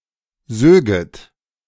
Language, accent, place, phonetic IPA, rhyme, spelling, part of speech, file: German, Germany, Berlin, [ˈzøːɡət], -øːɡət, söget, verb, De-söget.ogg
- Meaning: second-person plural subjunctive II of saugen